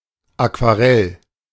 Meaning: 1. watercolour 2. watercolour painting, aquarelle
- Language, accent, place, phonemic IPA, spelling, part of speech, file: German, Germany, Berlin, /akvaˈʁɛl/, Aquarell, noun, De-Aquarell.ogg